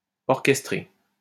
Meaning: past participle of orchestrer
- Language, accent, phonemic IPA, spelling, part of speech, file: French, France, /ɔʁ.kɛs.tʁe/, orchestré, verb, LL-Q150 (fra)-orchestré.wav